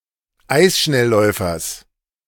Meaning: genitive singular of Eisschnellläufer
- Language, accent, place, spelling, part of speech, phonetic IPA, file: German, Germany, Berlin, Eisschnellläufers, noun, [ˈaɪ̯sʃnɛlˌlɔɪ̯fɐs], De-Eisschnellläufers.ogg